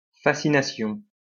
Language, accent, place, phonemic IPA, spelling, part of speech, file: French, France, Lyon, /fa.si.na.sjɔ̃/, fascination, noun, LL-Q150 (fra)-fascination.wav
- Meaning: fascination